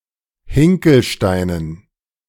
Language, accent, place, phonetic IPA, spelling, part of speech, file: German, Germany, Berlin, [ˈhɪŋkl̩ˌʃtaɪ̯nən], Hinkelsteinen, noun, De-Hinkelsteinen.ogg
- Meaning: dative plural of Hinkelstein